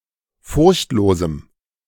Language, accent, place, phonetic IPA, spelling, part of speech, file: German, Germany, Berlin, [ˈfʊʁçtˌloːzm̩], furchtlosem, adjective, De-furchtlosem.ogg
- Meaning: strong dative masculine/neuter singular of furchtlos